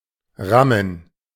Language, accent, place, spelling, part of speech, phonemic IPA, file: German, Germany, Berlin, rammen, verb, /ˈʁamən/, De-rammen.ogg
- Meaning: to ram